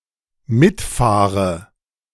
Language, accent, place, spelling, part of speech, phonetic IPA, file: German, Germany, Berlin, mitfahre, verb, [ˈmɪtˌfaːʁə], De-mitfahre.ogg
- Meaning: inflection of mitfahren: 1. first-person singular dependent present 2. first/third-person singular dependent subjunctive I